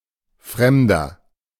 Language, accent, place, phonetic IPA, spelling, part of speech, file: German, Germany, Berlin, [ˈfʁɛmdɐ], Fremder, noun, De-Fremder.ogg
- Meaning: 1. stranger (someone whom one does not know) (male or of unspecified gender) 2. stranger, foreigner (someone from a different country, or from a different part of a country)